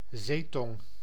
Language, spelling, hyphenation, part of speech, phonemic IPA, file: Dutch, zeetong, zee‧tong, noun, /ˈzeː.tɔŋ/, Nl-zeetong.ogg
- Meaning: sole (Solea solea)